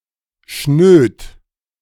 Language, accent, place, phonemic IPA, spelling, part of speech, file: German, Germany, Berlin, /ʃnøːt/, schnöd, adjective, De-schnöd.ogg
- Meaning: alternative form of schnöde